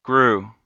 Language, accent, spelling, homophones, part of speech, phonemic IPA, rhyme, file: English, US, grue, grew, verb / noun / adjective, /ɡɹuː/, -uː, En-us-grue.ogg
- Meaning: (verb) To be frightened; also, to shudder with fear; to quake, to tremble; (noun) 1. A shiver, a shudder 2. Any byproduct of a gruesome event, such as gore, viscera, entrails, blood and guts